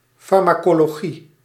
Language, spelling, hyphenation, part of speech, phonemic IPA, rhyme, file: Dutch, farmacologie, far‧ma‧co‧lo‧gie, noun, /ˌfɑr.maː.koː.loːˈɣi/, -i, Nl-farmacologie.ogg
- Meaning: pharmacology